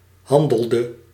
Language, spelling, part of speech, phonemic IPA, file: Dutch, handelde, verb, /ˈhɑndəldə/, Nl-handelde.ogg
- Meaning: inflection of handelen: 1. singular past indicative 2. singular past subjunctive